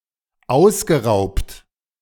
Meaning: past participle of ausrauben
- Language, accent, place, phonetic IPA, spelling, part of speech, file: German, Germany, Berlin, [ˈaʊ̯sɡəˌʁaʊ̯pt], ausgeraubt, verb, De-ausgeraubt.ogg